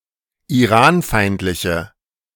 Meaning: inflection of iranfeindlich: 1. strong/mixed nominative/accusative feminine singular 2. strong nominative/accusative plural 3. weak nominative all-gender singular
- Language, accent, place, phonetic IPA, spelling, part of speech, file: German, Germany, Berlin, [iˈʁaːnˌfaɪ̯ntlɪçə], iranfeindliche, adjective, De-iranfeindliche.ogg